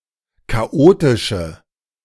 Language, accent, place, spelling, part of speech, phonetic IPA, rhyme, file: German, Germany, Berlin, chaotische, adjective, [kaˈʔoːtɪʃə], -oːtɪʃə, De-chaotische.ogg
- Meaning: inflection of chaotisch: 1. strong/mixed nominative/accusative feminine singular 2. strong nominative/accusative plural 3. weak nominative all-gender singular